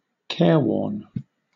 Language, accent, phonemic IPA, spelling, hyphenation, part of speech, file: English, Southern England, /ˈkɛːwɔːn/, careworn, care‧worn, adjective, LL-Q1860 (eng)-careworn.wav
- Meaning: Worn down by cares: showing the signs of long-term stress, tired and haggard due to prolonged worry